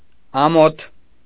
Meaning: 1. shame 2. shyness
- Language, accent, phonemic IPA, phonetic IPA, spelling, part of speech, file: Armenian, Eastern Armenian, /ɑˈmotʰ/, [ɑmótʰ], ամոթ, noun, Hy-ամոթ.ogg